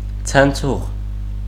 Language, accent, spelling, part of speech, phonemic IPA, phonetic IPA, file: Armenian, Eastern Armenian, ցնցուղ, noun, /t͡sʰənˈt͡sʰuʁ/, [t͡sʰənt͡sʰúʁ], Hy-ցնցուղ.ogg
- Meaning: 1. shower (device for bathing) 2. watering can 3. jet, spurt of water 4. bronchus 5. milk duct, lactiferous duct 6. dawn